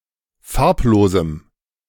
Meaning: strong dative masculine/neuter singular of farblos
- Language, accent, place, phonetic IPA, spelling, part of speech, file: German, Germany, Berlin, [ˈfaʁpˌloːzm̩], farblosem, adjective, De-farblosem.ogg